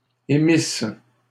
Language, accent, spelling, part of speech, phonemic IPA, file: French, Canada, émisses, verb, /e.mis/, LL-Q150 (fra)-émisses.wav
- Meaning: second-person singular imperfect subjunctive of émettre